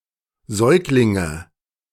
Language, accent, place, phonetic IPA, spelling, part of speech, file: German, Germany, Berlin, [ˈzɔɪ̯klɪŋə], Säuglinge, noun, De-Säuglinge.ogg
- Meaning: nominative/accusative/genitive plural of Säugling